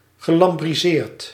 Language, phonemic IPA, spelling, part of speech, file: Dutch, /ɣəˌlɑmbriˈzert/, gelambriseerd, verb, Nl-gelambriseerd.ogg
- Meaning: past participle of lambriseren